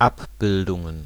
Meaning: plural of Abbildung
- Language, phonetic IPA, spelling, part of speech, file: German, [ˈapˌbɪldʊŋən], Abbildungen, noun, De-Abbildungen.ogg